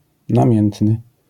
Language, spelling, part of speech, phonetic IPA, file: Polish, namiętny, adjective, [nãˈmʲjɛ̃ntnɨ], LL-Q809 (pol)-namiętny.wav